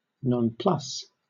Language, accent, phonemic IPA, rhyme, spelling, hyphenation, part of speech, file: English, Southern England, /nɒnˈplʌs/, -ʌs, nonplus, non‧plus, noun / verb, LL-Q1860 (eng)-nonplus.wav
- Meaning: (noun) A state of bewilderment or perplexity; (verb) To bewilder or perplex (someone); to confound, to flummox